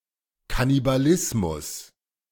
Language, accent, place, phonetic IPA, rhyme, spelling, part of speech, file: German, Germany, Berlin, [kanibaˈlɪsmʊs], -ɪsmʊs, Kannibalismus, noun, De-Kannibalismus.ogg
- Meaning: cannibalism